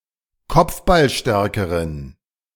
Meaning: inflection of kopfballstark: 1. strong genitive masculine/neuter singular comparative degree 2. weak/mixed genitive/dative all-gender singular comparative degree
- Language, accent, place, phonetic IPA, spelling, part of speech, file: German, Germany, Berlin, [ˈkɔp͡fbalˌʃtɛʁkəʁən], kopfballstärkeren, adjective, De-kopfballstärkeren.ogg